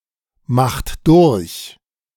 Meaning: inflection of durchmachen: 1. second-person plural present 2. third-person singular present 3. plural imperative
- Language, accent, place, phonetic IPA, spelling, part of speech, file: German, Germany, Berlin, [ˌmaxt ˈdʊʁç], macht durch, verb, De-macht durch.ogg